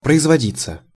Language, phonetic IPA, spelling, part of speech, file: Russian, [prəɪzvɐˈdʲit͡sːə], производиться, verb, Ru-производиться.ogg
- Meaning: passive of производи́ть (proizvodítʹ)